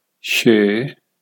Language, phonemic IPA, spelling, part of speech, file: Punjabi, /t͡ʃʰeː/, ਛੇ, numeral, Pa-ਛੇ.ogg
- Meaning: six